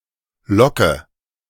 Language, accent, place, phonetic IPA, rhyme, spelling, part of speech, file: German, Germany, Berlin, [ˈlɔkə], -ɔkə, locke, verb, De-locke.ogg
- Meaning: inflection of locken: 1. first-person singular present 2. first/third-person singular subjunctive I 3. singular imperative